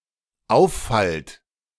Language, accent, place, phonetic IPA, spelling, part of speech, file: German, Germany, Berlin, [ˈaʊ̯fˌfalt], auffallt, verb, De-auffallt.ogg
- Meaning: second-person plural dependent present of auffallen